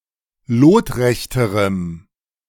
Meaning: strong dative masculine/neuter singular comparative degree of lotrecht
- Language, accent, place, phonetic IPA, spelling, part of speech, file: German, Germany, Berlin, [ˈloːtˌʁɛçtəʁəm], lotrechterem, adjective, De-lotrechterem.ogg